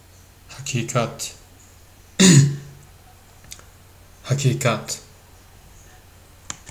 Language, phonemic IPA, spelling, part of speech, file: Turkish, /ha.ciːˈkat/, hakikat, noun, Tr tr hakikat.ogg
- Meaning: 1. fact 2. truth 3. reality